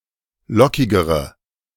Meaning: inflection of lockig: 1. strong/mixed nominative/accusative feminine singular comparative degree 2. strong nominative/accusative plural comparative degree
- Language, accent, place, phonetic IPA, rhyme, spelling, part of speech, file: German, Germany, Berlin, [ˈlɔkɪɡəʁə], -ɔkɪɡəʁə, lockigere, adjective, De-lockigere.ogg